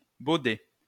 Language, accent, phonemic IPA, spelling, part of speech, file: French, France, /bo.dɛ/, baudet, noun, LL-Q150 (fra)-baudet.wav
- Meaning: 1. ass (donkey) 2. ass; ignoramus (idiot)